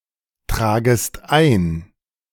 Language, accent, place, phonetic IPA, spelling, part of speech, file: German, Germany, Berlin, [ˌtʁaːɡəst ˈaɪ̯n], tragest ein, verb, De-tragest ein.ogg
- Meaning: second-person singular subjunctive I of eintragen